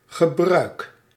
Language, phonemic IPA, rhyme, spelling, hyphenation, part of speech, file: Dutch, /ɣəˈbrœy̯k/, -œy̯k, gebruik, ge‧bruik, noun / verb, Nl-gebruik.ogg
- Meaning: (noun) 1. use 2. custom, practice; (verb) inflection of gebruiken: 1. first-person singular present indicative 2. second-person singular present indicative 3. imperative